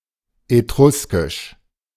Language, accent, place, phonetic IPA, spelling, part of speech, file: German, Germany, Berlin, [eˈtʁʊskɪʃ], Etruskisch, noun, De-Etruskisch.ogg
- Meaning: Etruscan, the Etruscan language